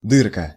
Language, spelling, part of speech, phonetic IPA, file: Russian, дырка, noun, [ˈdɨrkə], Ru-дырка.ogg
- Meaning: 1. diminutive of дыра́ (dyrá): small, often inaccurately made hole 2. vagina, pussy